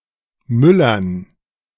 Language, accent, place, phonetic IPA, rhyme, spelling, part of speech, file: German, Germany, Berlin, [ˈmʏlɐn], -ʏlɐn, Müllern, noun, De-Müllern.ogg
- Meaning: dative plural of Müller